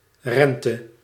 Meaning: interest, payment for credit
- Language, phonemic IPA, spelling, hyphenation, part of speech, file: Dutch, /ˈrɛn.tə/, rente, ren‧te, noun, Nl-rente.ogg